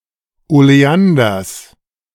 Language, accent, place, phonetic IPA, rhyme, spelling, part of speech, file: German, Germany, Berlin, [oleˈandɐs], -andɐs, Oleanders, noun, De-Oleanders.ogg
- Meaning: genitive singular of Oleander